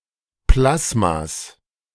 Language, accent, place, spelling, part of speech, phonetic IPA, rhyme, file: German, Germany, Berlin, Plasmas, noun, [ˈplasmas], -asmas, De-Plasmas.ogg
- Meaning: genitive singular of Plasma